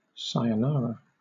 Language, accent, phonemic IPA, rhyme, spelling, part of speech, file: English, Southern England, /ˌsaɪəˈnɑːɹə/, -ɑːɹə, sayonara, interjection / noun, LL-Q1860 (eng)-sayonara.wav
- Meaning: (interjection) Goodbye, adios, adieu; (noun) An utterance of sayonara, the wishing of farewell to someone